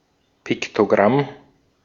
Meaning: pictogram
- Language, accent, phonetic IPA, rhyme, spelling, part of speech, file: German, Austria, [ˌpɪktoˈɡʁam], -am, Piktogramm, noun, De-at-Piktogramm.ogg